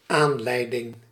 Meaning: reason, cause, inducement
- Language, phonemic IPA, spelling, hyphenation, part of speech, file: Dutch, /ˈaːn.lɛi̯.dɪŋ/, aanleiding, aan‧lei‧ding, noun, Nl-aanleiding.ogg